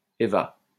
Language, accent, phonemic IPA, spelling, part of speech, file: French, France, /e.va/, Éva, proper noun, LL-Q150 (fra)-Éva.wav
- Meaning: a female given name, a Latinate variant of Ève